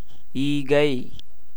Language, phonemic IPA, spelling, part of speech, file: Tamil, /iːɡɐɪ̯/, ஈகை, noun, Ta-ஈகை.ogg
- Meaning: 1. charity, grant, gift 2. gold 3. quail